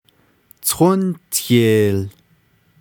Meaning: ocean, sea, large lake
- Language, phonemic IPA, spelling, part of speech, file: Navajo, /tʰóntʰèːl/, tónteel, noun, Nv-tónteel.ogg